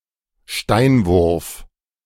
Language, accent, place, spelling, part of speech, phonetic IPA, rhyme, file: German, Germany, Berlin, Steinwurf, noun, [ˈʃtaɪ̯nˌvʊʁf], -aɪ̯nvʊʁf, De-Steinwurf.ogg
- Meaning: stone's throw